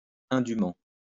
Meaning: unjustly; unfairly; undeservedly
- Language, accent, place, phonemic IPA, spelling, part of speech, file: French, France, Lyon, /ɛ̃.dy.mɑ̃/, indûment, adverb, LL-Q150 (fra)-indûment.wav